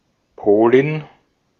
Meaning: female Pole
- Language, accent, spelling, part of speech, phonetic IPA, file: German, Austria, Polin, noun, [ˈpoːlɪn], De-at-Polin.ogg